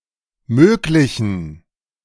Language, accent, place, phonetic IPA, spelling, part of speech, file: German, Germany, Berlin, [ˈmøːklɪçn̩], möglichen, adjective, De-möglichen.ogg
- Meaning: inflection of möglich: 1. strong genitive masculine/neuter singular 2. weak/mixed genitive/dative all-gender singular 3. strong/weak/mixed accusative masculine singular 4. strong dative plural